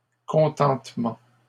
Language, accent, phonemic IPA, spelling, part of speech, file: French, Canada, /kɔ̃.tɑ̃t.mɑ̃/, contentements, noun, LL-Q150 (fra)-contentements.wav
- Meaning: plural of contentement